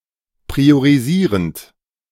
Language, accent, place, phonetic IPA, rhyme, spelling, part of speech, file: German, Germany, Berlin, [pʁioʁiˈziːʁənt], -iːʁənt, priorisierend, verb, De-priorisierend.ogg
- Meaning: present participle of priorisieren